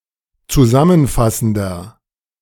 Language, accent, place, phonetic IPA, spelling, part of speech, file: German, Germany, Berlin, [t͡suˈzamənˌfasn̩dɐ], zusammenfassender, adjective, De-zusammenfassender.ogg
- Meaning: inflection of zusammenfassend: 1. strong/mixed nominative masculine singular 2. strong genitive/dative feminine singular 3. strong genitive plural